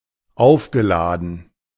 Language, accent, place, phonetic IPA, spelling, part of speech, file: German, Germany, Berlin, [ˈaʊ̯fɡəˌlaːdn̩], aufgeladen, adjective / verb, De-aufgeladen.ogg
- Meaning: past participle of aufladen